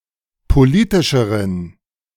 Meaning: inflection of politisch: 1. strong genitive masculine/neuter singular comparative degree 2. weak/mixed genitive/dative all-gender singular comparative degree
- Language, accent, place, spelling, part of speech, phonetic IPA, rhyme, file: German, Germany, Berlin, politischeren, adjective, [poˈliːtɪʃəʁən], -iːtɪʃəʁən, De-politischeren.ogg